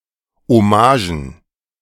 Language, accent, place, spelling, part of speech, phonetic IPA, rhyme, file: German, Germany, Berlin, Hommagen, noun, [ɔˈmaːʒn̩], -aːʒn̩, De-Hommagen.ogg
- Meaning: plural of Hommage